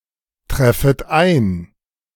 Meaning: second-person plural subjunctive I of eintreffen
- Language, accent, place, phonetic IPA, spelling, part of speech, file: German, Germany, Berlin, [ˌtʁɛfət ˈaɪ̯n], treffet ein, verb, De-treffet ein.ogg